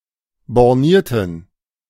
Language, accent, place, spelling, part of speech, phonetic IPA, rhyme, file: German, Germany, Berlin, bornierten, adjective, [bɔʁˈniːɐ̯tn̩], -iːɐ̯tn̩, De-bornierten.ogg
- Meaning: inflection of borniert: 1. strong genitive masculine/neuter singular 2. weak/mixed genitive/dative all-gender singular 3. strong/weak/mixed accusative masculine singular 4. strong dative plural